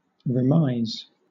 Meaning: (verb) 1. To send or give back 2. To surrender all interest in a property by executing a deed; to quitclaim; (noun) A return or surrender of a claim, property etc
- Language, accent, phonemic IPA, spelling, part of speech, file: English, Southern England, /ɹɪˈmʌɪz/, remise, verb / noun, LL-Q1860 (eng)-remise.wav